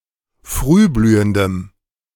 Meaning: strong dative masculine/neuter singular of frühblühend
- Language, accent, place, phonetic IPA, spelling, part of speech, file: German, Germany, Berlin, [ˈfʁyːˌblyːəndəm], frühblühendem, adjective, De-frühblühendem.ogg